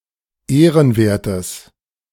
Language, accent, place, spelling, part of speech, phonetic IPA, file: German, Germany, Berlin, ehrenwertes, adjective, [ˈeːʁənˌveːɐ̯təs], De-ehrenwertes.ogg
- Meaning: strong/mixed nominative/accusative neuter singular of ehrenwert